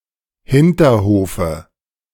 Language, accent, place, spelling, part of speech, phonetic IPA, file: German, Germany, Berlin, Hinterhofe, noun, [ˈhɪntɐˌhoːfə], De-Hinterhofe.ogg
- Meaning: dative singular of Hinterhof